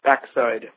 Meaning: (noun) The back side of anything, the part opposite its front, particularly
- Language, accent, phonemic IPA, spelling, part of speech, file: English, US, /ˈbækˌsaɪd/, backside, noun / adjective, En-us-backside.ogg